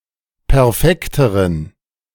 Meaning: inflection of perfekt: 1. strong genitive masculine/neuter singular comparative degree 2. weak/mixed genitive/dative all-gender singular comparative degree
- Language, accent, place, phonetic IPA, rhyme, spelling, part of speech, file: German, Germany, Berlin, [pɛʁˈfɛktəʁən], -ɛktəʁən, perfekteren, adjective, De-perfekteren.ogg